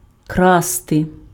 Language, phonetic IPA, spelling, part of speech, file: Ukrainian, [ˈkraste], красти, verb, Uk-красти.ogg
- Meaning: to steal